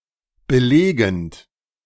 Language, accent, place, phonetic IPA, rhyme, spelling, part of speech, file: German, Germany, Berlin, [bəˈleːɡn̩t], -eːɡn̩t, belegend, verb, De-belegend.ogg
- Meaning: present participle of belegen